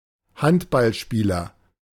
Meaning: handball player, handballer (male or of unspecified sex)
- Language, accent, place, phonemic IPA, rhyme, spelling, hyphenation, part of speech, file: German, Germany, Berlin, /ˈhantbalˌʃpiːlɐ/, -iːlɐ, Handballspieler, Hand‧ball‧spie‧ler, noun, De-Handballspieler.ogg